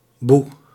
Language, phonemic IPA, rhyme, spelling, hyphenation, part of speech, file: Dutch, /bu/, -u, boe, boe, interjection, Nl-boe.ogg
- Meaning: 1. boo, exclamation to scare someone 2. boo, exclamation expressing strong disapproval 3. moo, the sound of lowing cattle